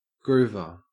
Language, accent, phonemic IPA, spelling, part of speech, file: English, Australia, /ˈɡɹuːvə(ɹ)/, groover, noun, En-au-groover.ogg
- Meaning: 1. One who grooves, or enjoys rhythmic music 2. A groovy piece of music 3. A miner 4. A device that makes grooves in surfaces